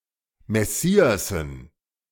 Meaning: dative plural of Messias
- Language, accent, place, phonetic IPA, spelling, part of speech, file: German, Germany, Berlin, [mɛˈsiːasn̩], Messiassen, noun, De-Messiassen.ogg